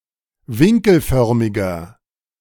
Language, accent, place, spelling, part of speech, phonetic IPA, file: German, Germany, Berlin, winkelförmiger, adjective, [ˈvɪŋkl̩ˌfœʁmɪɡɐ], De-winkelförmiger.ogg
- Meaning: inflection of winkelförmig: 1. strong/mixed nominative masculine singular 2. strong genitive/dative feminine singular 3. strong genitive plural